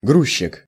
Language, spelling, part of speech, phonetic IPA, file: Russian, грузчик, noun, [ˈɡruɕːɪk], Ru-грузчик.ogg
- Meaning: loader, stevedore, docker, porter